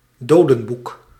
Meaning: 1. book of the dead, Egyptian funerary text 2. alternative form of doodboek
- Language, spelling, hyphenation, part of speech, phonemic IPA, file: Dutch, dodenboek, do‧den‧boek, noun, /ˈdoː.də(n)ˌbuk/, Nl-dodenboek.ogg